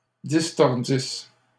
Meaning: third-person plural imperfect subjunctive of distordre
- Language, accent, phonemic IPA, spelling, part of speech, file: French, Canada, /dis.tɔʁ.dis/, distordissent, verb, LL-Q150 (fra)-distordissent.wav